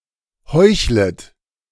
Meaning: second-person plural subjunctive I of heucheln
- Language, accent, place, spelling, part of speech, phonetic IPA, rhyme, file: German, Germany, Berlin, heuchlet, verb, [ˈhɔɪ̯çlət], -ɔɪ̯çlət, De-heuchlet.ogg